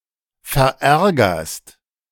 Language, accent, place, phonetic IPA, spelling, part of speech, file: German, Germany, Berlin, [fɛɐ̯ˈʔɛʁɡɐst], verärgerst, verb, De-verärgerst.ogg
- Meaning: second-person singular present of verärgern